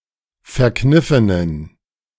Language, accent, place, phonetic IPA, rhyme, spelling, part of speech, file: German, Germany, Berlin, [fɛɐ̯ˈknɪfənən], -ɪfənən, verkniffenen, adjective, De-verkniffenen.ogg
- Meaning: inflection of verkniffen: 1. strong genitive masculine/neuter singular 2. weak/mixed genitive/dative all-gender singular 3. strong/weak/mixed accusative masculine singular 4. strong dative plural